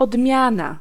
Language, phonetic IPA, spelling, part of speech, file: Polish, [ɔdˈmʲjãna], odmiana, noun, Pl-odmiana.ogg